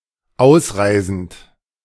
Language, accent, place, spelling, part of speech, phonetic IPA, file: German, Germany, Berlin, ausreisend, verb, [ˈaʊ̯sˌʁaɪ̯zn̩t], De-ausreisend.ogg
- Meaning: present participle of ausreisen